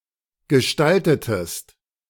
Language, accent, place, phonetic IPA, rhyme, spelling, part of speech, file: German, Germany, Berlin, [ɡəˈʃtaltətəst], -altətəst, gestaltetest, verb, De-gestaltetest.ogg
- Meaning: inflection of gestalten: 1. second-person singular preterite 2. second-person singular subjunctive II